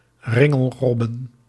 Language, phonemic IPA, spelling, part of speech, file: Dutch, /ˈrɪŋəlˌrɔbə(n)/, ringelrobben, noun, Nl-ringelrobben.ogg
- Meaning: plural of ringelrob